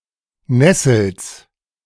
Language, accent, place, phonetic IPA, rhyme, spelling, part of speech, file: German, Germany, Berlin, [ˈnɛsl̩s], -ɛsl̩s, Nessels, noun, De-Nessels.ogg
- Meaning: genitive of Nessel